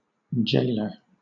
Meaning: One who enforces confinement in a jail or prison
- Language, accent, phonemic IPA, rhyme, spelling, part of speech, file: English, Southern England, /ˈd͡ʒeɪlə(ɹ)/, -eɪlə(ɹ), jailer, noun, LL-Q1860 (eng)-jailer.wav